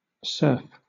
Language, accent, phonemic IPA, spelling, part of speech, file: English, Southern England, /sɜːf/, surf, noun / verb, LL-Q1860 (eng)-surf.wav
- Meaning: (noun) 1. Waves that break on an ocean shoreline 2. An instance or session of riding a surfboard in the surf 3. A dance popular in the 1960s in which the movements of a surfboard rider are mimicked